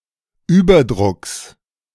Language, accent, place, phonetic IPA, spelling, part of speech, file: German, Germany, Berlin, [ˈyːbɐˌdʁʊks], Überdrucks, noun, De-Überdrucks.ogg
- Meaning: genitive singular of Überdruck